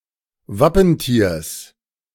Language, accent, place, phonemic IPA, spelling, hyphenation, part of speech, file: German, Germany, Berlin, /ˈvapənˌtiːɐ̯s/, Wappentiers, Wap‧pen‧tiers, noun, De-Wappentiers.ogg
- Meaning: genitive singular of Wappentier